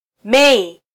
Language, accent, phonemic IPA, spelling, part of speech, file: Swahili, Kenya, /ˈmɛ.i/, Mei, proper noun, Sw-ke-Mei.flac
- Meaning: May